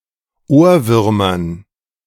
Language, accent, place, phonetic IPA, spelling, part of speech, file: German, Germany, Berlin, [ˈoːɐ̯ˌvʏʁmɐn], Ohrwürmern, noun, De-Ohrwürmern.ogg
- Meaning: dative plural of Ohrwurm